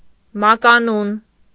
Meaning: 1. nickname 2. surname, last name
- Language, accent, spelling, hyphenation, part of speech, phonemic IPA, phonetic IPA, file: Armenian, Eastern Armenian, մականուն, մա‧կա‧նուն, noun, /mɑkɑˈnun/, [mɑkɑnún], Hy-մականուն.ogg